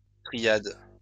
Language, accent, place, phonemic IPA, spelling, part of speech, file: French, France, Lyon, /tʁi.jad/, triade, noun, LL-Q150 (fra)-triade.wav
- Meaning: triad (all senses)